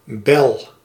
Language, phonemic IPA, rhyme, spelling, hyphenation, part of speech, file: Dutch, /bɛl/, -ɛl, bel, bel, noun / verb, Nl-bel.ogg
- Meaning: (noun) 1. bell 2. segment of a rattlesnake's rattle 3. bubble 4. rag 5. loose, vulgar woman; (verb) inflection of bellen: first-person singular present indicative